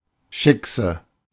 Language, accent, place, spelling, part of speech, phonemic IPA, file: German, Germany, Berlin, Schickse, noun, /ˈʃɪksə/, De-Schickse.ogg
- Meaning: 1. shiksa (non-Jewish woman) 2. woman